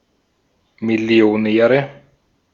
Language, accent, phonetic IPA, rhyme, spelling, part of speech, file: German, Austria, [mɪli̯oˈnɛːʁə], -ɛːʁə, Millionäre, noun, De-at-Millionäre.ogg
- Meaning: nominative/accusative/genitive plural of Millionär